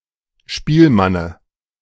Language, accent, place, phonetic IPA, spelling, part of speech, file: German, Germany, Berlin, [ˈʃpiːlˌmanə], Spielmanne, noun, De-Spielmanne.ogg
- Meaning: dative of Spielmann